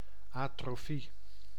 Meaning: atrophy (diminishing functionality)
- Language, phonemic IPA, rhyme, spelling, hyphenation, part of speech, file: Dutch, /ɑtroːˈfi/, -i, atrofie, atro‧fie, noun, Nl-atrofie.ogg